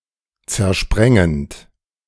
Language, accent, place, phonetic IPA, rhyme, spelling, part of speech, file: German, Germany, Berlin, [t͡sɛɐ̯ˈʃpʁɛŋənt], -ɛŋənt, zersprengend, verb, De-zersprengend.ogg
- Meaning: present participle of zersprengen